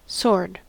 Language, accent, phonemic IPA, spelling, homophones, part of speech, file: English, US, /soɹd/, sword, sod / soared, noun / verb, En-us-sword.ogg
- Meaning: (noun) A long bladed weapon with a grip and typically a pommel and crossguard (together forming a hilt), which is designed to cut, stab, slash and/or hack